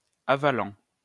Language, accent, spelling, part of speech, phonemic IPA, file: French, France, avalent, verb, /a.val/, LL-Q150 (fra)-avalent.wav
- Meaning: third-person plural present indicative/subjunctive of avaler